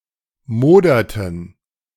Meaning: inflection of modern: 1. first/third-person plural preterite 2. first/third-person plural subjunctive II
- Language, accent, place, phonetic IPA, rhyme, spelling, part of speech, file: German, Germany, Berlin, [ˈmoːdɐtn̩], -oːdɐtn̩, moderten, verb, De-moderten.ogg